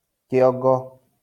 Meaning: 1. skull 2. head
- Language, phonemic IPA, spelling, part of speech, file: Kikuyu, /keɔ̀ᵑɡɔ̌/, kĩongo, noun, LL-Q33587 (kik)-kĩongo.wav